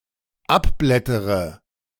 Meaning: inflection of abblättern: 1. first-person singular dependent present 2. first/third-person singular dependent subjunctive I
- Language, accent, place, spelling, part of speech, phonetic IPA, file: German, Germany, Berlin, abblättere, verb, [ˈapˌblɛtəʁə], De-abblättere.ogg